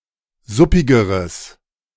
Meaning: strong/mixed nominative/accusative neuter singular comparative degree of suppig
- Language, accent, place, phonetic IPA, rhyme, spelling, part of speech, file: German, Germany, Berlin, [ˈzʊpɪɡəʁəs], -ʊpɪɡəʁəs, suppigeres, adjective, De-suppigeres.ogg